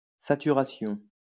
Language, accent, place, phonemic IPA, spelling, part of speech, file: French, France, Lyon, /sa.ty.ʁa.sjɔ̃/, saturation, noun, LL-Q150 (fra)-saturation.wav
- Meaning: saturation